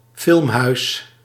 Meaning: an art house, a cinema that shows artistic, non-commercial films
- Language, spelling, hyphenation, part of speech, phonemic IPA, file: Dutch, filmhuis, film‧huis, noun, /ˈfɪlm.ɦœy̯s/, Nl-filmhuis.ogg